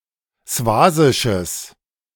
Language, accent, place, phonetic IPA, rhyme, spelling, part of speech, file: German, Germany, Berlin, [ˈsvaːzɪʃəs], -aːzɪʃəs, swasisches, adjective, De-swasisches.ogg
- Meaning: strong/mixed nominative/accusative neuter singular of swasisch